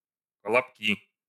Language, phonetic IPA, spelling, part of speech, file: Russian, [kəɫɐpˈkʲi], колобки, noun, Ru-колобки.ogg
- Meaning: inflection of колобо́к (kolobók): 1. nominative plural 2. inanimate accusative plural